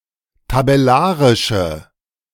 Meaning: inflection of tabellarisch: 1. strong/mixed nominative/accusative feminine singular 2. strong nominative/accusative plural 3. weak nominative all-gender singular
- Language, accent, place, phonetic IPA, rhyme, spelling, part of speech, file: German, Germany, Berlin, [tabɛˈlaːʁɪʃə], -aːʁɪʃə, tabellarische, adjective, De-tabellarische.ogg